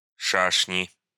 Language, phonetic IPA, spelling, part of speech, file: Russian, [ˈʂaʂnʲɪ], шашни, noun, Ru-шашни.ogg
- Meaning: 1. love affair 2. intrigues, machinations 3. nominative plural of ша́шень (šášenʹ)